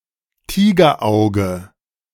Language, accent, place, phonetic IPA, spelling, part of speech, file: German, Germany, Berlin, [ˈtiːɡɐˌʔaʊ̯ɡə], Tigerauge, noun, De-Tigerauge.ogg
- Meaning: tiger's eye